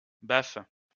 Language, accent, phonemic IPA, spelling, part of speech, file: French, France, /baf/, baffes, noun / verb, LL-Q150 (fra)-baffes.wav
- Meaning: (noun) plural of baffe; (verb) second-person singular present indicative/subjunctive of baffer